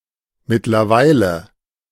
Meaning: meanwhile, in the meantime
- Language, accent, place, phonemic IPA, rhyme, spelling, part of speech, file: German, Germany, Berlin, /mɪtlɐˈvaɪ̯lə/, -aɪ̯lə, mittlerweile, adverb, De-mittlerweile.ogg